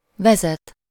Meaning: to determine the direction in which someone or something proceeds: to lead, to guide (to show the way by going ahead; with lative suffixes)
- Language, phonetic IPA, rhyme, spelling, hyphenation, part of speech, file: Hungarian, [ˈvɛzɛt], -ɛt, vezet, ve‧zet, verb, Hu-vezet.ogg